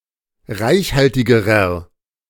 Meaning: inflection of reichhaltig: 1. strong/mixed nominative masculine singular comparative degree 2. strong genitive/dative feminine singular comparative degree 3. strong genitive plural comparative degree
- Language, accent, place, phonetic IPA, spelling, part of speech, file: German, Germany, Berlin, [ˈʁaɪ̯çˌhaltɪɡəʁɐ], reichhaltigerer, adjective, De-reichhaltigerer.ogg